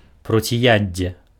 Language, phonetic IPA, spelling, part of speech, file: Belarusian, [prot͡sʲiˈjad͡zʲːe], проціяддзе, noun, Be-проціяддзе.ogg
- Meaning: antidote